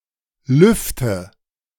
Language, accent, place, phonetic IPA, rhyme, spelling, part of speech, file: German, Germany, Berlin, [ˈlʏftə], -ʏftə, lüfte, verb, De-lüfte.ogg
- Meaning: inflection of lüften: 1. first-person singular present 2. first/third-person singular subjunctive I 3. singular imperative